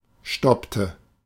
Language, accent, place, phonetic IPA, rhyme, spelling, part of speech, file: German, Germany, Berlin, [ˈʃtɔptə], -ɔptə, stoppte, verb, De-stoppte.ogg
- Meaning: inflection of stoppen: 1. first/third-person singular preterite 2. first/third-person singular subjunctive II